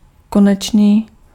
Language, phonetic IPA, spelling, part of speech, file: Czech, [ˈkonɛt͡ʃniː], konečný, adjective, Cs-konečný.ogg
- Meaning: final